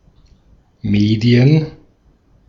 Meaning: 1. plural of Medium 2. the mediae consonants, 'b', 'd', and 'g'. (e.g. those subject to the Medienverschiebung)
- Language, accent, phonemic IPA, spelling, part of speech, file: German, Austria, /ˈmeːdi̯ən/, Medien, noun, De-at-Medien.ogg